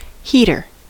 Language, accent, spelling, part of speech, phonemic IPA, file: English, US, heater, noun, /ˈhitɚ/, En-us-heater.ogg
- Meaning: 1. A device that produces and radiates heat, typically to raise the temperature of a room or building 2. A person who heats something, for example in metalworking 3. A handgun